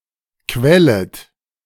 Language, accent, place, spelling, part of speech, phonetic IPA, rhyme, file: German, Germany, Berlin, quellet, verb, [ˈkvɛlət], -ɛlət, De-quellet.ogg
- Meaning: second-person plural subjunctive I of quellen